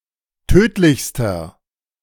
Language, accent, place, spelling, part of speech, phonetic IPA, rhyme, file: German, Germany, Berlin, tödlichster, adjective, [ˈtøːtlɪçstɐ], -øːtlɪçstɐ, De-tödlichster.ogg
- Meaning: inflection of tödlich: 1. strong/mixed nominative masculine singular superlative degree 2. strong genitive/dative feminine singular superlative degree 3. strong genitive plural superlative degree